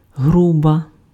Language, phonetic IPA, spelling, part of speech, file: Ukrainian, [ˈɦrubɐ], груба, noun / adjective, Uk-груба.ogg
- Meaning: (noun) stove (heater, a closed apparatus to burn fuel for the warming of a room); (adjective) feminine nominative singular of гру́бий (hrúbyj)